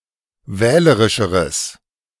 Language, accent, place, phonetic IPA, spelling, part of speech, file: German, Germany, Berlin, [ˈvɛːləʁɪʃəʁəs], wählerischeres, adjective, De-wählerischeres.ogg
- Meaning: strong/mixed nominative/accusative neuter singular comparative degree of wählerisch